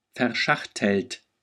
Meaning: 1. past participle of verschachteln 2. inflection of verschachteln: third-person singular present 3. inflection of verschachteln: second-person plural present
- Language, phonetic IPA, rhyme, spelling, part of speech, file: German, [fɛɐ̯ˈʃaxtl̩t], -axtl̩t, verschachtelt, verb, De-verschachtelt.ogg